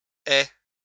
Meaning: third-person singular present subjunctive of avoir
- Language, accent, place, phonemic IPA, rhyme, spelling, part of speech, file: French, France, Lyon, /ɛ/, -ɛ, ait, verb, LL-Q150 (fra)-ait.wav